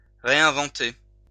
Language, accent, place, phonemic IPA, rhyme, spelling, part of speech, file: French, France, Lyon, /ʁe.ɛ̃.vɑ̃.te/, -e, réinventer, verb, LL-Q150 (fra)-réinventer.wav
- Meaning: 1. to reinvent 2. to reinvent oneself